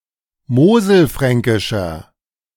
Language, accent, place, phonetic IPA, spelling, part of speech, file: German, Germany, Berlin, [ˈmoːzl̩ˌfʁɛŋkɪʃɐ], moselfränkischer, adjective, De-moselfränkischer.ogg
- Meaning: inflection of moselfränkisch: 1. strong/mixed nominative masculine singular 2. strong genitive/dative feminine singular 3. strong genitive plural